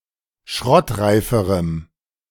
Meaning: strong dative masculine/neuter singular comparative degree of schrottreif
- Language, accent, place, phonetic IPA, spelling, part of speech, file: German, Germany, Berlin, [ˈʃʁɔtˌʁaɪ̯fəʁəm], schrottreiferem, adjective, De-schrottreiferem.ogg